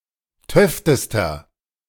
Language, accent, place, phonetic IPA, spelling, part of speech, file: German, Germany, Berlin, [ˈtœftəstɐ], töftester, adjective, De-töftester.ogg
- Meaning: inflection of töfte: 1. strong/mixed nominative masculine singular superlative degree 2. strong genitive/dative feminine singular superlative degree 3. strong genitive plural superlative degree